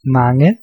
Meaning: plural of mangen
- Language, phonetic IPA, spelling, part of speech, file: Danish, [ˈmɑŋə], mange, adjective, Da-mange.ogg